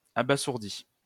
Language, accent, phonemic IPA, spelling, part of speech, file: French, France, /a.ba.zuʁ.di/, abasourdît, verb, LL-Q150 (fra)-abasourdît.wav
- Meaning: third-person singular imperfect subjunctive of abasourdir